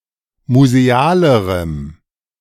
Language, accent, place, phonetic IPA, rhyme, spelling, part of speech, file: German, Germany, Berlin, [muzeˈaːləʁəm], -aːləʁəm, musealerem, adjective, De-musealerem.ogg
- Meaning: strong dative masculine/neuter singular comparative degree of museal